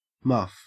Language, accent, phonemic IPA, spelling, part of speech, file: English, Australia, /mɐf/, muff, noun / verb, En-au-muff.ogg
- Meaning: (noun) 1. A piece of fur or cloth, usually open at both ends, used to keep the hands warm 2. The vulva or vagina; pubic hair around it 3. A woman or girl